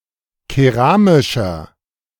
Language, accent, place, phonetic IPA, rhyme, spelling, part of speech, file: German, Germany, Berlin, [keˈʁaːmɪʃɐ], -aːmɪʃɐ, keramischer, adjective, De-keramischer.ogg
- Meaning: inflection of keramisch: 1. strong/mixed nominative masculine singular 2. strong genitive/dative feminine singular 3. strong genitive plural